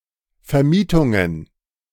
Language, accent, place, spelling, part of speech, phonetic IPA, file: German, Germany, Berlin, Vermietungen, noun, [fɛɐ̯ˈmiːtʊŋən], De-Vermietungen.ogg
- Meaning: plural of Vermietung